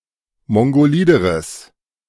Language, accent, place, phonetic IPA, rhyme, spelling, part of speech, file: German, Germany, Berlin, [ˌmɔŋɡoˈliːdəʁəs], -iːdəʁəs, mongolideres, adjective, De-mongolideres.ogg
- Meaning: strong/mixed nominative/accusative neuter singular comparative degree of mongolid